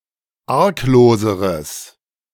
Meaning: strong/mixed nominative/accusative neuter singular comparative degree of arglos
- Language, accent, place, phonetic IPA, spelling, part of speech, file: German, Germany, Berlin, [ˈaʁkˌloːzəʁəs], argloseres, adjective, De-argloseres.ogg